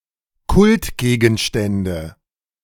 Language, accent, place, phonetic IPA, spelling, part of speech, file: German, Germany, Berlin, [ˈkʊltˌɡeːɡn̩ʃtɛndə], Kultgegenstände, noun, De-Kultgegenstände.ogg
- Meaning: nominative/accusative/genitive plural of Kultgegenstand